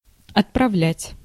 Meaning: 1. to send, to dispatch, to forward 2. to exercise, to perform, to discharge
- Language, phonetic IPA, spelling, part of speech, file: Russian, [ɐtprɐˈvlʲætʲ], отправлять, verb, Ru-отправлять.ogg